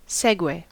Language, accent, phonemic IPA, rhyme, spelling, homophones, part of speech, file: English, US, /ˈsɛɡweɪ/, -ɛɡweɪ, segue, Segway, verb / noun, En-us-segue.ogg
- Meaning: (verb) 1. To move smoothly from one state or subject to another 2. To make a smooth transition from one theme to another 3. To play a sequence of records with no talk between them